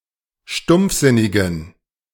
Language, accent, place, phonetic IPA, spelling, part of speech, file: German, Germany, Berlin, [ˈʃtʊmp͡fˌzɪnɪɡn̩], stumpfsinnigen, adjective, De-stumpfsinnigen.ogg
- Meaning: inflection of stumpfsinnig: 1. strong genitive masculine/neuter singular 2. weak/mixed genitive/dative all-gender singular 3. strong/weak/mixed accusative masculine singular 4. strong dative plural